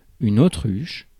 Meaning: ostrich
- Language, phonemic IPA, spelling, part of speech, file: French, /o.tʁyʃ/, autruche, noun, Fr-autruche.ogg